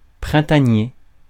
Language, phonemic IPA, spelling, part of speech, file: French, /pʁɛ̃.ta.nje/, printanier, adjective, Fr-printanier.ogg
- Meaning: springlike, vernal